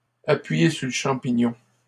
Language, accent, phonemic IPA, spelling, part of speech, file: French, Canada, /a.pɥi.je syʁ lə ʃɑ̃.pi.ɲɔ̃/, appuyer sur le champignon, verb, LL-Q150 (fra)-appuyer sur le champignon.wav
- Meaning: to step on it, to floor it, to put the pedal to the metal, to put one's foot down, to step on the gas